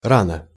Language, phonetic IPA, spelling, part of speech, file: Russian, [ˈranə], рано, adverb, Ru-рано.ogg
- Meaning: early